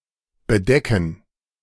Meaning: 1. to cover 2. to make mate
- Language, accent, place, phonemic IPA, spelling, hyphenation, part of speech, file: German, Germany, Berlin, /bəˈdɛkən/, bedecken, be‧de‧cken, verb, De-bedecken.ogg